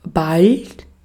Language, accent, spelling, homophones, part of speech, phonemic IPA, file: German, Austria, bald, ballt, adverb, /balt/, De-at-bald.ogg
- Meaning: 1. soon (near in time) 2. almost (of a changing value that is predicted to reach said number soon) 3. indicates a rapid alternation of states; now ..., now ...; sometimes ..., sometimes ...